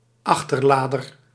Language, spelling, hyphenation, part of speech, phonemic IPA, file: Dutch, achterlader, ach‧ter‧la‧der, noun, /ˈɑx.tərˌlaː.dər/, Nl-achterlader.ogg
- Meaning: breechloader